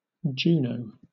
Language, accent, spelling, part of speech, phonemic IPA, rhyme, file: English, Southern England, Juneau, proper noun, /ˈd͡ʒuːnəʊ/, -uːnəʊ, LL-Q1860 (eng)-Juneau.wav
- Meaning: 1. A surname from French 2. A placename: The capital city of Alaska, United States 3. A placename: A city, the county seat of Dodge County, Wisconsin, United States